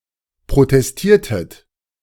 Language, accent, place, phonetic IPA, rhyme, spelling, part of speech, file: German, Germany, Berlin, [pʁotɛsˈtiːɐ̯tət], -iːɐ̯tət, protestiertet, verb, De-protestiertet.ogg
- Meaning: inflection of protestieren: 1. second-person plural preterite 2. second-person plural subjunctive II